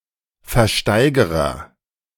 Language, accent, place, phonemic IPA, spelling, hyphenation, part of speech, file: German, Germany, Berlin, /fɛɐ̯ˈʃtaɪ̯ɡɐʁɐ/, Versteigerer, Ver‧stei‧ge‧rer, noun, De-Versteigerer.ogg
- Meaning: agent noun of versteigern; auctioneer